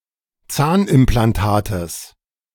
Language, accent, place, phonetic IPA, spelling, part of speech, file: German, Germany, Berlin, [ˈt͡saːnʔɪmplanˌtaːtəs], Zahnimplantates, noun, De-Zahnimplantates.ogg
- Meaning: genitive of Zahnimplantat